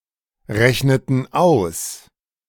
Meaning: inflection of ausrechnen: 1. first/third-person plural preterite 2. first/third-person plural subjunctive II
- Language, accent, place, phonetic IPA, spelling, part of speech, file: German, Germany, Berlin, [ˌʁɛçnətn̩ ˈaʊ̯s], rechneten aus, verb, De-rechneten aus.ogg